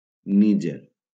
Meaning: 1. Niger (a country in West Africa, situated to the north of Nigeria) 2. Niger (a major river in West Africa that flows into the Gulf of Guinea in Nigeria)
- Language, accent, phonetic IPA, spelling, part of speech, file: Catalan, Valencia, [ˈni.d͡ʒer], Níger, proper noun, LL-Q7026 (cat)-Níger.wav